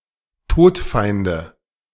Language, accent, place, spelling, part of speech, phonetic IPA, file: German, Germany, Berlin, Todfeinde, noun, [ˈtoːtˌfaɪ̯ndə], De-Todfeinde.ogg
- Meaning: nominative/accusative/genitive plural of Todfeind